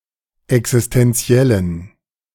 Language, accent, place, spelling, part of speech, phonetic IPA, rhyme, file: German, Germany, Berlin, existenziellen, adjective, [ɛksɪstɛnˈt͡si̯ɛlən], -ɛlən, De-existenziellen.ogg
- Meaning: inflection of existenziell: 1. strong genitive masculine/neuter singular 2. weak/mixed genitive/dative all-gender singular 3. strong/weak/mixed accusative masculine singular 4. strong dative plural